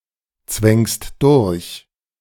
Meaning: second-person singular present of durchzwängen
- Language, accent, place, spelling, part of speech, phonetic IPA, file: German, Germany, Berlin, zwängst durch, verb, [ˌt͡svɛŋst ˈdʊʁç], De-zwängst durch.ogg